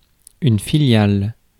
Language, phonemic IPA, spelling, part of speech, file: French, /fi.ljal/, filiale, adjective / noun, Fr-filiale.ogg
- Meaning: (adjective) feminine singular of filial; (noun) subsidiary